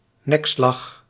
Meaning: 1. hit in the neck 2. deathblow
- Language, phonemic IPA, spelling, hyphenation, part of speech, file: Dutch, /ˈnɛkˌslɑx/, nekslag, nek‧slag, noun, Nl-nekslag.ogg